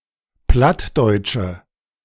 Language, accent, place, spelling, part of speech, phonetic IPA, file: German, Germany, Berlin, plattdeutsche, adjective, [ˈplatdɔɪ̯tʃə], De-plattdeutsche.ogg
- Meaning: inflection of plattdeutsch: 1. strong/mixed nominative/accusative feminine singular 2. strong nominative/accusative plural 3. weak nominative all-gender singular